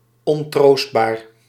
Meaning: inconsolable
- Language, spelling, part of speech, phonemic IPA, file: Dutch, ontroostbaar, adjective, /ɔnˈtroːst.baːr/, Nl-ontroostbaar.ogg